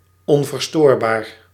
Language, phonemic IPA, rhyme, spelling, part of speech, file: Dutch, /ɔn.vərˈstoːr.baːr/, -oːrbaːr, onverstoorbaar, adjective, Nl-onverstoorbaar.ogg
- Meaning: imperturbable, unflappable